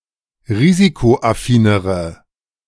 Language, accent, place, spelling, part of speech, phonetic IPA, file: German, Germany, Berlin, risikoaffinere, adjective, [ˈʁiːzikoʔaˌfiːnəʁə], De-risikoaffinere.ogg
- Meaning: inflection of risikoaffin: 1. strong/mixed nominative/accusative feminine singular comparative degree 2. strong nominative/accusative plural comparative degree